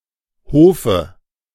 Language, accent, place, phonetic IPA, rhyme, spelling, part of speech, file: German, Germany, Berlin, [ˈhoːfə], -oːfə, Hofe, noun, De-Hofe.ogg
- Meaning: dative singular of Hof